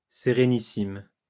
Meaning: 1. very serene 2. majestuous, very noble 3. qualifies the Republic of Venice
- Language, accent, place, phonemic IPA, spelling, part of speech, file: French, France, Lyon, /se.ʁe.ni.sim/, sérénissime, adjective, LL-Q150 (fra)-sérénissime.wav